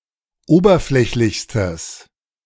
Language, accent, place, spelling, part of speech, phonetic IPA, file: German, Germany, Berlin, oberflächlichstes, adjective, [ˈoːbɐˌflɛçlɪçstəs], De-oberflächlichstes.ogg
- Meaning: strong/mixed nominative/accusative neuter singular superlative degree of oberflächlich